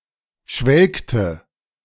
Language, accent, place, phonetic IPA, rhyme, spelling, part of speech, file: German, Germany, Berlin, [ˈʃvɛlktə], -ɛlktə, schwelgte, verb, De-schwelgte.ogg
- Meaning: inflection of schwelgen: 1. first/third-person singular preterite 2. first/third-person singular subjunctive II